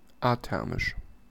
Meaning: athermic, athermal
- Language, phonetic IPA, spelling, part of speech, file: German, [aˈtɛʁmɪʃ], athermisch, adjective, De-athermisch.ogg